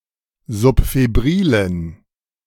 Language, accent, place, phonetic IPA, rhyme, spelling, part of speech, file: German, Germany, Berlin, [zʊpfeˈbʁiːlən], -iːlən, subfebrilen, adjective, De-subfebrilen.ogg
- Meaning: inflection of subfebril: 1. strong genitive masculine/neuter singular 2. weak/mixed genitive/dative all-gender singular 3. strong/weak/mixed accusative masculine singular 4. strong dative plural